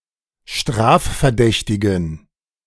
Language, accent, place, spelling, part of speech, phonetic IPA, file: German, Germany, Berlin, strafverdächtigen, adjective, [ˈʃtʁaːffɛɐ̯ˌdɛçtɪɡn̩], De-strafverdächtigen.ogg
- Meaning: inflection of strafverdächtig: 1. strong genitive masculine/neuter singular 2. weak/mixed genitive/dative all-gender singular 3. strong/weak/mixed accusative masculine singular 4. strong dative plural